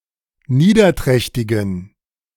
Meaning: inflection of niederträchtig: 1. strong genitive masculine/neuter singular 2. weak/mixed genitive/dative all-gender singular 3. strong/weak/mixed accusative masculine singular 4. strong dative plural
- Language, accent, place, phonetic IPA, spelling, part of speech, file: German, Germany, Berlin, [ˈniːdɐˌtʁɛçtɪɡn̩], niederträchtigen, adjective, De-niederträchtigen.ogg